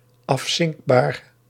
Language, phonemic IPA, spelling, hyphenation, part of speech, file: Dutch, /ˌɑfˈsɪŋk.baːr/, afzinkbaar, af‧zink‧baar, adjective, Nl-afzinkbaar.ogg
- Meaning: submersible